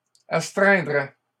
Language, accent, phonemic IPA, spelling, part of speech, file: French, Canada, /as.tʁɛ̃.dʁɛ/, astreindraient, verb, LL-Q150 (fra)-astreindraient.wav
- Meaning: third-person plural conditional of astreindre